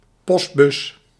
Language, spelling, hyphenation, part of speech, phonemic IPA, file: Dutch, postbus, post‧bus, noun, /ˈpɔst.bʏs/, Nl-postbus.ogg
- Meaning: 1. a post office box, a postal box 2. synonym of brievenbus